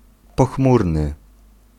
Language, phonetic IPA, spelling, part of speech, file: Polish, [pɔˈxmurnɨ], pochmurny, adjective, Pl-pochmurny.ogg